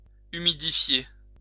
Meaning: to humidify
- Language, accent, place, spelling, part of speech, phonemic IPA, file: French, France, Lyon, humidifier, verb, /y.mi.di.fje/, LL-Q150 (fra)-humidifier.wav